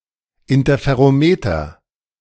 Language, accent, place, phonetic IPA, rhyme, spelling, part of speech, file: German, Germany, Berlin, [ˌɪntɐfeʁoˈmeːtɐ], -eːtɐ, Interferometer, noun, De-Interferometer.ogg
- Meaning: interferometer